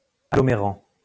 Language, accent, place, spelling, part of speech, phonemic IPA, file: French, France, Lyon, agglomérant, verb, /a.ɡlɔ.me.ʁɑ̃/, LL-Q150 (fra)-agglomérant.wav
- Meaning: present participle of agglomérer